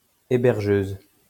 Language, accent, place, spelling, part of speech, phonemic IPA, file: French, France, Lyon, hébergeuse, noun, /e.bɛʁ.ʒøz/, LL-Q150 (fra)-hébergeuse.wav
- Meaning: female equivalent of hébergeur